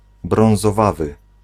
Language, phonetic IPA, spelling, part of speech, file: Polish, [ˌbrɔ̃w̃zɔˈvavɨ], brązowawy, adjective, Pl-brązowawy.ogg